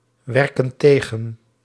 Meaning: inflection of tegenwerken: 1. plural present indicative 2. plural present subjunctive
- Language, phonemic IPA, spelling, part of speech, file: Dutch, /ˈwɛrkə(n) ˈteɣə(n)/, werken tegen, verb, Nl-werken tegen.ogg